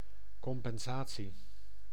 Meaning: compensation
- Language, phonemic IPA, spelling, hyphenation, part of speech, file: Dutch, /ˌkɔm.pɛnˈzaː.(t)si/, compensatie, com‧pen‧sa‧tie, noun, Nl-compensatie.ogg